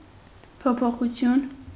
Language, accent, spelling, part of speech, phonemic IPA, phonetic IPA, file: Armenian, Eastern Armenian, փոփոխություն, noun, /pʰopʰoχuˈtʰjun/, [pʰopʰoχut͡sʰjún], Hy-փոփոխություն.ogg
- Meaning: change, alteration